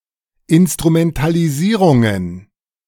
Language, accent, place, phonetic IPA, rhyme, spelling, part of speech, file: German, Germany, Berlin, [ɪnstʁumɛntaliˈziːʁʊŋən], -iːʁʊŋən, Instrumentalisierungen, noun, De-Instrumentalisierungen.ogg
- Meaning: plural of Instrumentalisierung